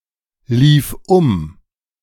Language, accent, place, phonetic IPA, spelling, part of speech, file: German, Germany, Berlin, [ˌliːf ˈʊm], lief um, verb, De-lief um.ogg
- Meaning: first/third-person singular preterite of umlaufen